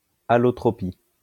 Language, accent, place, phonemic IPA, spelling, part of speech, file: French, France, Lyon, /a.lɔ.tʁɔ.pi/, allotropie, noun, LL-Q150 (fra)-allotropie.wav
- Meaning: allotropy